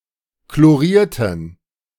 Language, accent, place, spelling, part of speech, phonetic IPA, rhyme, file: German, Germany, Berlin, chlorierten, adjective / verb, [kloˈʁiːɐ̯tn̩], -iːɐ̯tn̩, De-chlorierten.ogg
- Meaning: inflection of chloriert: 1. strong genitive masculine/neuter singular 2. weak/mixed genitive/dative all-gender singular 3. strong/weak/mixed accusative masculine singular 4. strong dative plural